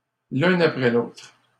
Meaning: one after the other, one after another
- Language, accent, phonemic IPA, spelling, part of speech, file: French, Canada, /l‿œ̃.n‿a.pʁɛ l‿otʁ/, l'un après l'autre, adverb, LL-Q150 (fra)-l'un après l'autre.wav